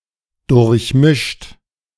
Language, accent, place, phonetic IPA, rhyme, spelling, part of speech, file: German, Germany, Berlin, [dʊʁçˈmɪʃt], -ɪʃt, durchmischt, verb, De-durchmischt.ogg
- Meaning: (verb) past participle of durchmischen; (adjective) mixed (together)